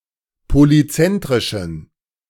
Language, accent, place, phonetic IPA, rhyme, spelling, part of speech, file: German, Germany, Berlin, [poliˈt͡sɛntʁɪʃn̩], -ɛntʁɪʃn̩, polyzentrischen, adjective, De-polyzentrischen.ogg
- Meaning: inflection of polyzentrisch: 1. strong genitive masculine/neuter singular 2. weak/mixed genitive/dative all-gender singular 3. strong/weak/mixed accusative masculine singular 4. strong dative plural